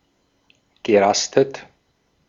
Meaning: past participle of rasten
- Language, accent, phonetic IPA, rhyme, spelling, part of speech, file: German, Austria, [ɡəˈʁastət], -astət, gerastet, verb, De-at-gerastet.ogg